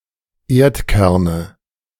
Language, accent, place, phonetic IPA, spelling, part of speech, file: German, Germany, Berlin, [ˈeːɐ̯tˌkɛʁnə], Erdkerne, noun, De-Erdkerne.ogg
- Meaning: nominative/accusative/genitive plural of Erdkern